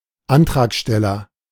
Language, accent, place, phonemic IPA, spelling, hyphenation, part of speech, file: German, Germany, Berlin, /ˈantraːkˌʃtɛlɐ/, Antragsteller, An‧trag‧stel‧ler, noun, De-Antragsteller.ogg
- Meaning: applicant